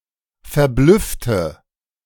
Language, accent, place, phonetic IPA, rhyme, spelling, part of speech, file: German, Germany, Berlin, [fɛɐ̯ˈblʏftə], -ʏftə, verblüffte, adjective / verb, De-verblüffte.ogg
- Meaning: inflection of verblüfft: 1. strong/mixed nominative/accusative feminine singular 2. strong nominative/accusative plural 3. weak nominative all-gender singular